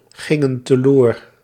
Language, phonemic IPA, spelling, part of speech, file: Dutch, /ˈɣɪŋə(n) təˈlor/, gingen teloor, verb, Nl-gingen teloor.ogg
- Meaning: inflection of teloorgaan: 1. plural past indicative 2. plural past subjunctive